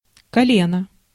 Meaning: 1. knee 2. lap 3. bend (in a river, etc.) 4. figure, part, passage, turn (in music or dance) 5. generation, branch 6. tribe 7. joint, elbow, crank (pipes, tubing, rods) 8. joint, node
- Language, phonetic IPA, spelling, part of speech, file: Russian, [kɐˈlʲenə], колено, noun, Ru-колено.ogg